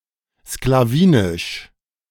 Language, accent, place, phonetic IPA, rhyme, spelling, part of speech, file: German, Germany, Berlin, [sklaˈviːnɪʃ], -iːnɪʃ, sklawinisch, adjective, De-sklawinisch.ogg
- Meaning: of the Sclaveni; Sclavinian